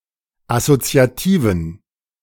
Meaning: inflection of assoziativ: 1. strong genitive masculine/neuter singular 2. weak/mixed genitive/dative all-gender singular 3. strong/weak/mixed accusative masculine singular 4. strong dative plural
- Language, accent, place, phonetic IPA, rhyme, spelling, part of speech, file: German, Germany, Berlin, [asot͡si̯aˈtiːvn̩], -iːvn̩, assoziativen, adjective, De-assoziativen.ogg